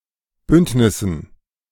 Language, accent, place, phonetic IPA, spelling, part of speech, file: German, Germany, Berlin, [ˈbʏntnɪsn̩], Bündnissen, noun, De-Bündnissen.ogg
- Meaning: dative plural of Bündnis